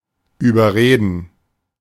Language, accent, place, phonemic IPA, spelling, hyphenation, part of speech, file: German, Germany, Berlin, /yːbərˈreːdən/, überreden, über‧re‧den, verb, De-überreden.ogg
- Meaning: to talk over, to talk into, to persuade (implying that the person gives in, but is not inwardly convinced; unlike überzeugen)